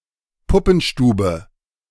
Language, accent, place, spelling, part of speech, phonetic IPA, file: German, Germany, Berlin, Puppenstube, noun, [ˈpʊpn̩ˌʃtuːbə], De-Puppenstube.ogg
- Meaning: dollhouse